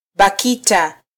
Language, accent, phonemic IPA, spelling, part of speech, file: Swahili, Kenya, /ɓɑˈki.tɑ/, BAKITA, proper noun, Sw-ke-BAKITA.flac
- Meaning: acronym of Baraza la Kiswahili la Taifa (“National Swahili Council”)